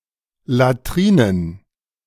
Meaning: plural of Latrine
- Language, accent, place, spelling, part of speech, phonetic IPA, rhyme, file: German, Germany, Berlin, Latrinen, noun, [laˈtʁiːnən], -iːnən, De-Latrinen.ogg